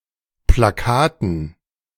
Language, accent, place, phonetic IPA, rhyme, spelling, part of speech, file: German, Germany, Berlin, [plaˈkaːtn̩], -aːtn̩, Plakaten, noun, De-Plakaten.ogg
- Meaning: dative plural of Plakat